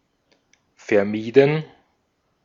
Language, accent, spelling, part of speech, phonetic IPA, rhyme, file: German, Austria, vermieden, verb, [fɛɐ̯ˈmiːdn̩], -iːdn̩, De-at-vermieden.ogg
- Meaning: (verb) past participle of vermeiden; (adjective) avoided